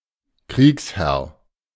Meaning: warlord
- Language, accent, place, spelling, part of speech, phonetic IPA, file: German, Germany, Berlin, Kriegsherr, noun, [ˈkʁiːksˌhɛʁ], De-Kriegsherr.ogg